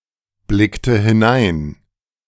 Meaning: inflection of hineinblicken: 1. first/third-person singular preterite 2. first/third-person singular subjunctive II
- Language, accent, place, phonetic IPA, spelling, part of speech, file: German, Germany, Berlin, [ˌblɪktə hɪˈnaɪ̯n], blickte hinein, verb, De-blickte hinein.ogg